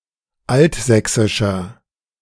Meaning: 1. comparative degree of altsächsisch 2. inflection of altsächsisch: strong/mixed nominative masculine singular 3. inflection of altsächsisch: strong genitive/dative feminine singular
- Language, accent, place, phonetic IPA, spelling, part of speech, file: German, Germany, Berlin, [ˈaltˌzɛksɪʃɐ], altsächsischer, adjective, De-altsächsischer.ogg